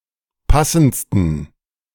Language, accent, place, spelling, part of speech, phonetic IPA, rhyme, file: German, Germany, Berlin, passendsten, adjective, [ˈpasn̩t͡stən], -asn̩t͡stən, De-passendsten.ogg
- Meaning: 1. superlative degree of passend 2. inflection of passend: strong genitive masculine/neuter singular superlative degree